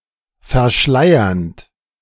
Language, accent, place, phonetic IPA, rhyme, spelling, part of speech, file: German, Germany, Berlin, [fɛɐ̯ˈʃlaɪ̯ɐnt], -aɪ̯ɐnt, verschleiernd, verb, De-verschleiernd.ogg
- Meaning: present participle of verschleiern